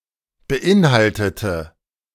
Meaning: inflection of beinhalten: 1. first/third-person singular preterite 2. first/third-person singular subjunctive II
- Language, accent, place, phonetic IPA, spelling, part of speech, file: German, Germany, Berlin, [bəˈʔɪnˌhaltətə], beinhaltete, adjective / verb, De-beinhaltete.ogg